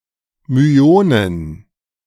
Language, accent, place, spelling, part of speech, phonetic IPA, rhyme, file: German, Germany, Berlin, Myonen, noun, [myˈoːnən], -oːnən, De-Myonen.ogg
- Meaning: plural of Myon